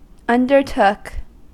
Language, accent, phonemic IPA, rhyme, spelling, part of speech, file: English, US, /ʌndɚˈtʊk/, -ʊk, undertook, verb, En-us-undertook.ogg
- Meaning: simple past of undertake